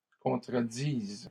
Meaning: first/third-person singular present subjunctive of contredire
- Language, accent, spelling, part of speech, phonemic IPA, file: French, Canada, contredise, verb, /kɔ̃.tʁə.diz/, LL-Q150 (fra)-contredise.wav